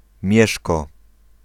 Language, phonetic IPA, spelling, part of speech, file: Polish, [ˈmʲjɛʃkɔ], Mieszko, proper noun, Pl-Mieszko.ogg